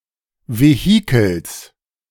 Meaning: genitive of Vehikel
- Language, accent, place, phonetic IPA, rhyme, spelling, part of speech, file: German, Germany, Berlin, [veˈhiːkl̩s], -iːkl̩s, Vehikels, noun, De-Vehikels.ogg